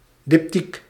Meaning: diptych
- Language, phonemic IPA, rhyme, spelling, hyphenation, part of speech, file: Dutch, /dɪpˈtik/, -ik, diptiek, dip‧tiek, noun, Nl-diptiek.ogg